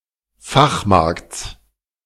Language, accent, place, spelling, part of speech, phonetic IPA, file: German, Germany, Berlin, Fachmarkts, noun, [ˈfaxˌmaʁkt͡s], De-Fachmarkts.ogg
- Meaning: genitive singular of Fachmarkt